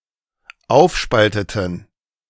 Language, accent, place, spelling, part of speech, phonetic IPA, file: German, Germany, Berlin, aufspalteten, verb, [ˈaʊ̯fˌʃpaltətn̩], De-aufspalteten.ogg
- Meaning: inflection of aufspalten: 1. first/third-person plural dependent preterite 2. first/third-person plural dependent subjunctive II